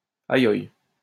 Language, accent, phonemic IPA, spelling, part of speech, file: French, France, /a.jɔj/, ayoye, interjection, LL-Q150 (fra)-ayoye.wav
- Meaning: 1. expression of pain 2. expression of admirative surprise